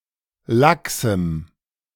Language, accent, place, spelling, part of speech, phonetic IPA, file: German, Germany, Berlin, laxem, adjective, [ˈlaksm̩], De-laxem.ogg
- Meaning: strong dative masculine/neuter singular of lax